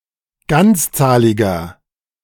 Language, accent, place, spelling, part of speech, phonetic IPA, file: German, Germany, Berlin, ganzzahliger, adjective, [ˈɡant͡sˌt͡saːlɪɡɐ], De-ganzzahliger.ogg
- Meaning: inflection of ganzzahlig: 1. strong/mixed nominative masculine singular 2. strong genitive/dative feminine singular 3. strong genitive plural